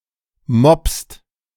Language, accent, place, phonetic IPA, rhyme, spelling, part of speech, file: German, Germany, Berlin, [mɔpst], -ɔpst, mobbst, verb, De-mobbst.ogg
- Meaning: second-person singular present of mobben